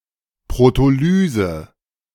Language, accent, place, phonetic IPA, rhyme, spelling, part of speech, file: German, Germany, Berlin, [pʁotoˈlyːzə], -yːzə, Protolyse, noun, De-Protolyse.ogg
- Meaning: protolysis